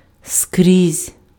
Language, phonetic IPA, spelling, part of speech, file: Ukrainian, [skrʲizʲ], скрізь, adverb, Uk-скрізь.ogg
- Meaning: 1. everywhere 2. anywhere